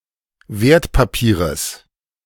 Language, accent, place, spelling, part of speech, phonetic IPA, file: German, Germany, Berlin, Wertpapieres, noun, [ˈveːɐ̯tpaˌpiːʁəs], De-Wertpapieres.ogg
- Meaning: genitive singular of Wertpapier